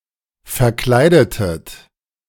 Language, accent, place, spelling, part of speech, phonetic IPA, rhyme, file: German, Germany, Berlin, verkleidetet, verb, [fɛɐ̯ˈklaɪ̯dətət], -aɪ̯dətət, De-verkleidetet.ogg
- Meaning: inflection of verkleiden: 1. second-person plural preterite 2. second-person plural subjunctive II